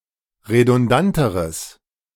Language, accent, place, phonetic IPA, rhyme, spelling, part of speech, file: German, Germany, Berlin, [ʁedʊnˈdantəʁəs], -antəʁəs, redundanteres, adjective, De-redundanteres.ogg
- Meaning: strong/mixed nominative/accusative neuter singular comparative degree of redundant